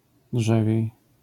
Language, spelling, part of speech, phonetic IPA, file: Polish, drzewiej, adverb, [ˈḍʒɛvʲjɛ̇j], LL-Q809 (pol)-drzewiej.wav